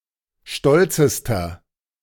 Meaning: inflection of stolz: 1. strong/mixed nominative masculine singular superlative degree 2. strong genitive/dative feminine singular superlative degree 3. strong genitive plural superlative degree
- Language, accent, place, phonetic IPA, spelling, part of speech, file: German, Germany, Berlin, [ˈʃtɔlt͡səstɐ], stolzester, adjective, De-stolzester.ogg